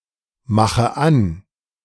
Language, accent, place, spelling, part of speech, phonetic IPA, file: German, Germany, Berlin, mache an, verb, [ˌmaxə ˈan], De-mache an.ogg
- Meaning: inflection of anmachen: 1. first-person singular present 2. first/third-person singular subjunctive I 3. singular imperative